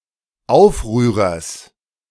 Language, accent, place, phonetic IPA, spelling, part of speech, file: German, Germany, Berlin, [ˈaʊ̯fˌʁyːʁɐs], Aufrührers, noun, De-Aufrührers.ogg
- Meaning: genitive singular of Aufrührer